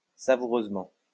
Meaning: tastily
- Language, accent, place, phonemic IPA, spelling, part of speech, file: French, France, Lyon, /sa.vu.ʁøz.mɑ̃/, savoureusement, adverb, LL-Q150 (fra)-savoureusement.wav